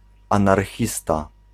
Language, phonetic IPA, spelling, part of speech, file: Polish, [ˌãnarˈxʲista], anarchista, noun, Pl-anarchista.ogg